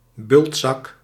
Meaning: a bag functioning as a pillow or mattress, often filled with straw but sometimes doubling as a clothes bag
- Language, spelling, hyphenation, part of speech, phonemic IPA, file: Dutch, bultzak, bult‧zak, noun, /ˈbʏlt.sɑk/, Nl-bultzak.ogg